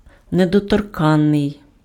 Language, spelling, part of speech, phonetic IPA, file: Ukrainian, недоторканний, adjective, [nedɔtɔrˈkanːei̯], Uk-недоторканний.ogg
- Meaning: 1. protected by law, having legal immunity 2. untouchable, inviolable, immune, sacrosanct 3. cannot be corrupted, dishonored, due to its significance, importance, etc